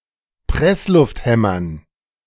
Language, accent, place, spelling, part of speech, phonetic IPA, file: German, Germany, Berlin, Presslufthämmern, noun, [ˈpʁɛslʊftˌhɛmɐn], De-Presslufthämmern.ogg
- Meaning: dative plural of Presslufthammer